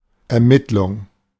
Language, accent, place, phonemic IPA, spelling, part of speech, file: German, Germany, Berlin, /ɛɐ̯ˈmɪtlʊŋ/, Ermittlung, noun, De-Ermittlung.ogg
- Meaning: 1. investigation, inquiry 2. determination, ascertaining